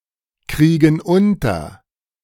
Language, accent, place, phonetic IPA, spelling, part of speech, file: German, Germany, Berlin, [ˌkʁiːɡn̩ ˈʊntɐ], kriegen unter, verb, De-kriegen unter.ogg
- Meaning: inflection of unterkriegen: 1. first/third-person plural present 2. first/third-person plural subjunctive I